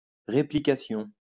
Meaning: 1. replication, duplication 2. replication
- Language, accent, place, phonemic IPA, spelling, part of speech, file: French, France, Lyon, /ʁe.pli.ka.sjɔ̃/, réplication, noun, LL-Q150 (fra)-réplication.wav